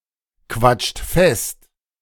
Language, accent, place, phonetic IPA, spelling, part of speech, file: German, Germany, Berlin, [ˌkvat͡ʃt ˈfɛst], quatscht fest, verb, De-quatscht fest.ogg
- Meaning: inflection of festquatschen: 1. second-person plural present 2. third-person singular present 3. plural imperative